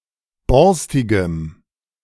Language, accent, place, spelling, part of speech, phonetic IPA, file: German, Germany, Berlin, borstigem, adjective, [ˈbɔʁstɪɡəm], De-borstigem.ogg
- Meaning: strong dative masculine/neuter singular of borstig